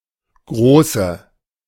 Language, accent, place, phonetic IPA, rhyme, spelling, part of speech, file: German, Germany, Berlin, [ˈɡʁoːsə], -oːsə, Große, noun, De-Große.ogg
- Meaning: female equivalent of Großer: female adult; female great (person) (title)